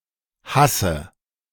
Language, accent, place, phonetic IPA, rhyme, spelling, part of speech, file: German, Germany, Berlin, [ˈhasə], -asə, hasse, verb, De-hasse.ogg
- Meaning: inflection of hassen: 1. first-person singular present 2. first/third-person singular subjunctive I 3. singular imperative